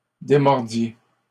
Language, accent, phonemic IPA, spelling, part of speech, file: French, Canada, /de.mɔʁ.dje/, démordiez, verb, LL-Q150 (fra)-démordiez.wav
- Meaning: inflection of démordre: 1. second-person plural imperfect indicative 2. second-person plural present subjunctive